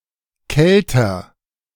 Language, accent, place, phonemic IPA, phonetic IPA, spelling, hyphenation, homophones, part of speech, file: German, Germany, Berlin, /ˈkɛltər/, [ˈkɛl.tɐ], Kelter, Kel‧ter, kälter, noun, De-Kelter.ogg
- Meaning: winepress